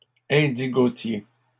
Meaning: indigo (plant)
- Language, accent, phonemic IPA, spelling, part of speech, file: French, Canada, /ɛ̃.di.ɡo.tje/, indigotier, noun, LL-Q150 (fra)-indigotier.wav